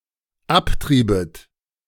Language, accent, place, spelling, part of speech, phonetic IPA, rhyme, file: German, Germany, Berlin, abtriebet, verb, [ˈapˌtʁiːbət], -aptʁiːbət, De-abtriebet.ogg
- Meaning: second-person plural dependent subjunctive II of abtreiben